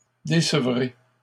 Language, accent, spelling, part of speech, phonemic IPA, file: French, Canada, décevrai, verb, /de.sə.vʁe/, LL-Q150 (fra)-décevrai.wav
- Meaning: first-person singular future of décevoir